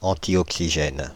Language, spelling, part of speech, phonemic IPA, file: French, antioxygène, adjective, /ɑ̃.ti.ɔk.si.ʒɛn/, Fr-antioxygène.ogg
- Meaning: antioxygenic